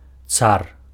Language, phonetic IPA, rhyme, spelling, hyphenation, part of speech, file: Belarusian, [t͡sar], -ar, цар, цар, noun, Be-цар.ogg
- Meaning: tzar (the title of the monarch in Russia, Bulgaria and Serbia)